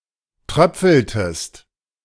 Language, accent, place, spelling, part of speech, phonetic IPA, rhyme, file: German, Germany, Berlin, tröpfeltest, verb, [ˈtʁœp͡fl̩təst], -œp͡fl̩təst, De-tröpfeltest.ogg
- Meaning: inflection of tröpfeln: 1. second-person singular preterite 2. second-person singular subjunctive II